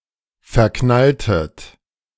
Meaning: inflection of verknallen: 1. second-person plural preterite 2. second-person plural subjunctive II
- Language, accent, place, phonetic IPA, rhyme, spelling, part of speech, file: German, Germany, Berlin, [fɛɐ̯ˈknaltət], -altət, verknalltet, verb, De-verknalltet.ogg